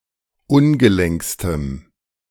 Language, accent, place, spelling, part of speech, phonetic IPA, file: German, Germany, Berlin, ungelenkstem, adjective, [ˈʊnɡəˌlɛŋkstəm], De-ungelenkstem.ogg
- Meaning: strong dative masculine/neuter singular superlative degree of ungelenk